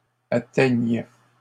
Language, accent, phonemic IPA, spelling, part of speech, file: French, Canada, /a.tɛɲ/, atteigne, verb, LL-Q150 (fra)-atteigne.wav
- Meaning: first/third-person singular present subjunctive of atteindre